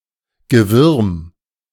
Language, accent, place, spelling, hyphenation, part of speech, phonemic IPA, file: German, Germany, Berlin, Gewürm, Ge‧würm, noun, /ɡəˈvʏʁm/, De-Gewürm.ogg
- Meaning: vermin